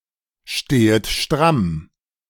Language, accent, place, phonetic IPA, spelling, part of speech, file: German, Germany, Berlin, [ˌʃteːət ˈʃtʁam], stehet stramm, verb, De-stehet stramm.ogg
- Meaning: second-person plural subjunctive I of strammstehen